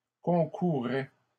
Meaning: third-person singular imperfect indicative of concourir
- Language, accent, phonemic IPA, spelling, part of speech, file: French, Canada, /kɔ̃.ku.ʁɛ/, concourait, verb, LL-Q150 (fra)-concourait.wav